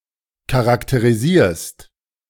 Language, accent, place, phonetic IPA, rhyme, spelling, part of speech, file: German, Germany, Berlin, [kaʁakteʁiˈziːɐ̯st], -iːɐ̯st, charakterisierst, verb, De-charakterisierst.ogg
- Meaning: second-person singular present of charakterisieren